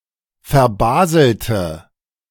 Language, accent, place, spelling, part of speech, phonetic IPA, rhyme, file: German, Germany, Berlin, verbaselte, adjective / verb, [fɛɐ̯ˈbaːzl̩tə], -aːzl̩tə, De-verbaselte.ogg
- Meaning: inflection of verbaseln: 1. first/third-person singular preterite 2. first/third-person singular subjunctive II